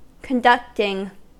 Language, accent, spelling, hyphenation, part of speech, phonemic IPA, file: English, US, conducting, con‧duct‧ing, noun / verb, /kənˈdʌktɪŋ/, En-us-conducting.ogg
- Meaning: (noun) Synonym of conductive; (verb) present participle and gerund of conduct